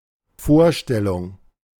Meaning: 1. idea, image, representation (the transcript, image, or picture of a visible object that is formed by the mind) 2. introduction 3. presentation
- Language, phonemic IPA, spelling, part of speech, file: German, /ˈfoːɐ̯ˌʃtɛlʊŋ/, Vorstellung, noun, De-Vorstellung.oga